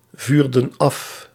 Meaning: inflection of afvuren: 1. plural past indicative 2. plural past subjunctive
- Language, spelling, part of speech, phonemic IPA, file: Dutch, vuurden af, verb, /ˈvyrdə(n) ˈɑf/, Nl-vuurden af.ogg